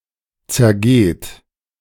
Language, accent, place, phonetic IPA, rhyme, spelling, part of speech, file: German, Germany, Berlin, [t͡sɛɐ̯ˈɡeːt], -eːt, zergeht, verb, De-zergeht.ogg
- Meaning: inflection of zergehen: 1. third-person singular present 2. second-person plural present 3. plural imperative